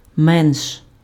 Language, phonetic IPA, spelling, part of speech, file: Ukrainian, [mɛnʃ], менш, adverb, Uk-менш.ogg
- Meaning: comparative degree of ма́ло (málo): less